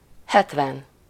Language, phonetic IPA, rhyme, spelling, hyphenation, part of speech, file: Hungarian, [ˈhɛtvɛn], -ɛn, hetven, het‧ven, numeral, Hu-hetven.ogg
- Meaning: seventy